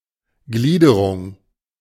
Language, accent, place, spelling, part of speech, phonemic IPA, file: German, Germany, Berlin, Gliederung, noun, /ˈɡliːdəʁʊŋ/, De-Gliederung.ogg
- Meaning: 1. classification 2. outline 3. structure